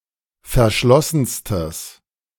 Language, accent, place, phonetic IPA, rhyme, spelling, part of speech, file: German, Germany, Berlin, [fɛɐ̯ˈʃlɔsn̩stəs], -ɔsn̩stəs, verschlossenstes, adjective, De-verschlossenstes.ogg
- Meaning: strong/mixed nominative/accusative neuter singular superlative degree of verschlossen